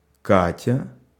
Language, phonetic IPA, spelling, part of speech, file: Russian, [ˈkatʲə], Катя, proper noun, Ru-Катя.ogg
- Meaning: a diminutive, Katya, of the female given names Екатери́на (Jekaterína) and Катери́на (Katerína), equivalent to English Katie